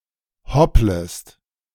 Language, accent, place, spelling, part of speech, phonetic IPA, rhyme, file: German, Germany, Berlin, hopplest, verb, [ˈhɔpləst], -ɔpləst, De-hopplest.ogg
- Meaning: second-person singular subjunctive I of hoppeln